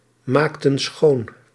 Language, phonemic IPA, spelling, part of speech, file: Dutch, /ˈmaktə(n) ˈsxon/, maakten schoon, verb, Nl-maakten schoon.ogg
- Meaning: inflection of schoonmaken: 1. plural past indicative 2. plural past subjunctive